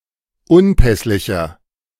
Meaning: inflection of unpässlich: 1. strong/mixed nominative masculine singular 2. strong genitive/dative feminine singular 3. strong genitive plural
- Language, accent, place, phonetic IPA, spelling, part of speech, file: German, Germany, Berlin, [ˈʊnˌpɛslɪçɐ], unpässlicher, adjective, De-unpässlicher.ogg